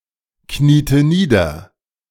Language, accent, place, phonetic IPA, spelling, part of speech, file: German, Germany, Berlin, [ˌkniːtə ˈniːdɐ], kniete nieder, verb, De-kniete nieder.ogg
- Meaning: inflection of niederknieen: 1. first/third-person singular preterite 2. first/third-person singular subjunctive II